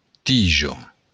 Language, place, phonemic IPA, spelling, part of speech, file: Occitan, Béarn, /ˈtid͡ʒo/, tija, noun, LL-Q14185 (oci)-tija.wav
- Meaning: stem (of plant)